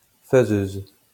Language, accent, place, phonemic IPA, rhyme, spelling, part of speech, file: French, France, Lyon, /fə.zøz/, -øz, faiseuse, noun, LL-Q150 (fra)-faiseuse.wav
- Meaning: female equivalent of faiseur